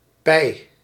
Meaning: cowl
- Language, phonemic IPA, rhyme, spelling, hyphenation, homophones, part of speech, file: Dutch, /pɛi̯/, -ɛi̯, pij, pij, Pey, noun, Nl-pij.ogg